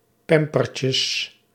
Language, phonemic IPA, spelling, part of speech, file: Dutch, /ˈpɛmpərcəs/, pampertjes, noun, Nl-pampertjes.ogg
- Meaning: plural of pampertje